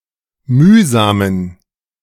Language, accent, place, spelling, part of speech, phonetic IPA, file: German, Germany, Berlin, mühsamen, adjective, [ˈmyːzaːmən], De-mühsamen.ogg
- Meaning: inflection of mühsam: 1. strong genitive masculine/neuter singular 2. weak/mixed genitive/dative all-gender singular 3. strong/weak/mixed accusative masculine singular 4. strong dative plural